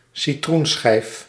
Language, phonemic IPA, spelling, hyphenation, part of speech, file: Dutch, /siˈtrunˌsxɛi̯f/, citroenschijf, ci‧troen‧schijf, noun, Nl-citroenschijf.ogg
- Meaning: a slice of lemon